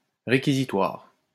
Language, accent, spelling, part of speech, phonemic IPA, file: French, France, réquisitoire, noun, /ʁe.ki.zi.twaʁ/, LL-Q150 (fra)-réquisitoire.wav
- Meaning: information, i.e. a formal accusation of a crime made by a public prosecutor